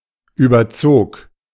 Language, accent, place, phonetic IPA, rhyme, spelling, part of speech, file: German, Germany, Berlin, [ˌyːbɐˈt͡soːk], -oːk, überzog, verb, De-überzog.ogg
- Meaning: first/third-person singular preterite of überziehen